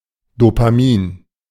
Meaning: dopamine
- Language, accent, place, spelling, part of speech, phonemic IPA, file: German, Germany, Berlin, Dopamin, noun, /ˌdoːpaˑˈmiːn/, De-Dopamin.ogg